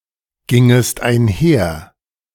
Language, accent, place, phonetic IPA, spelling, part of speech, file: German, Germany, Berlin, [ˌɡɪŋəst aɪ̯nˈhɛɐ̯], gingest einher, verb, De-gingest einher.ogg
- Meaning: second-person singular subjunctive I of einhergehen